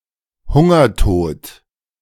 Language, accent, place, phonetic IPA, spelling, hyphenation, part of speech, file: German, Germany, Berlin, [ˈhʊŋɐˌtoːt], Hungertod, Hun‧ger‧tod, noun, De-Hungertod.ogg
- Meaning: death by hunger